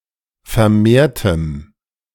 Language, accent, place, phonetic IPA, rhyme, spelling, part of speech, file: German, Germany, Berlin, [fɛɐ̯ˈmeːɐ̯təm], -eːɐ̯təm, vermehrtem, adjective, De-vermehrtem.ogg
- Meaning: strong dative masculine/neuter singular of vermehrt